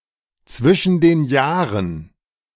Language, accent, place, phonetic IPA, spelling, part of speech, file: German, Germany, Berlin, [ˈt͡svɪʃn̩ deːn ˈjaːʁən], zwischen den Jahren, phrase, De-zwischen den Jahren.ogg
- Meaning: the time around Christmas and New Year, with different precise understandings